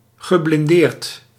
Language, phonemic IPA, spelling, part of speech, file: Dutch, /ɣəblɪnˈdert/, geblindeerd, verb / adjective, Nl-geblindeerd.ogg
- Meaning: shielded, armoured (Commonwealth); armored (US)